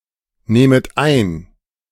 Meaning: second-person plural subjunctive I of einnehmen
- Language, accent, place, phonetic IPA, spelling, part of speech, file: German, Germany, Berlin, [ˌneːmət ˈaɪ̯n], nehmet ein, verb, De-nehmet ein.ogg